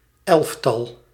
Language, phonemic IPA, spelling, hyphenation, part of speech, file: Dutch, /ˈɛlf.tɑl/, elftal, elf‧tal, noun, Nl-elftal.ogg
- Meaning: 1. a group of eleven, usually human beings 2. a team of eleven (typically refers to a football team)